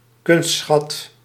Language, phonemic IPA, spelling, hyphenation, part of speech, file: Dutch, /ˈkʏnst.sxɑt/, kunstschat, kunst‧schat, noun, Nl-kunstschat.ogg
- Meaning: artefact, art treasure (object of high artistic merit and/or high value)